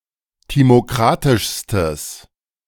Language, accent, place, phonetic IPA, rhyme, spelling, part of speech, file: German, Germany, Berlin, [ˌtimoˈkʁatɪʃstəs], -atɪʃstəs, timokratischstes, adjective, De-timokratischstes.ogg
- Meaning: strong/mixed nominative/accusative neuter singular superlative degree of timokratisch